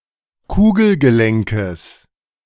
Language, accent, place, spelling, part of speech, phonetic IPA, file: German, Germany, Berlin, Kugelgelenkes, noun, [ˈkuːɡl̩ɡəˌlɛŋkəs], De-Kugelgelenkes.ogg
- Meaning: genitive singular of Kugelgelenk